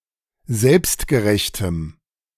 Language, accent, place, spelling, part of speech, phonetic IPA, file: German, Germany, Berlin, selbstgerechtem, adjective, [ˈzɛlpstɡəˌʁɛçtəm], De-selbstgerechtem.ogg
- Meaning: strong dative masculine/neuter singular of selbstgerecht